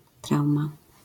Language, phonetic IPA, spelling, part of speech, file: Polish, [ˈtrawma], trauma, noun, LL-Q809 (pol)-trauma.wav